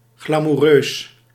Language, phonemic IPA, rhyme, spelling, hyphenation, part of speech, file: Dutch, /ɣlaː.muˈrøːs/, -øːs, glamoureus, gla‧mou‧reus, adjective, Nl-glamoureus.ogg
- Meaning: glamorous